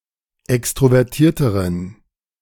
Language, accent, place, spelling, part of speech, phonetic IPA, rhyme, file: German, Germany, Berlin, extrovertierteren, adjective, [ˌɛkstʁovɛʁˈtiːɐ̯təʁən], -iːɐ̯təʁən, De-extrovertierteren.ogg
- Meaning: inflection of extrovertiert: 1. strong genitive masculine/neuter singular comparative degree 2. weak/mixed genitive/dative all-gender singular comparative degree